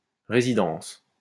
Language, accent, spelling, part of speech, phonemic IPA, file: French, France, résidence, noun, /ʁe.zi.dɑ̃s/, LL-Q150 (fra)-résidence.wav
- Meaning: residence (place where one resides)